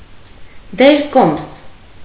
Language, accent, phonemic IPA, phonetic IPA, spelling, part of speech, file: Armenian, Eastern Armenian, /deɾˈkoms/, [deɾkóms], դերկոմս, noun, Hy-դերկոմս.ogg
- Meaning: viscount